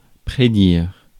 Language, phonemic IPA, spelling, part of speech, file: French, /pʁe.diʁ/, prédire, verb, Fr-prédire.ogg
- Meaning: to predict, foretell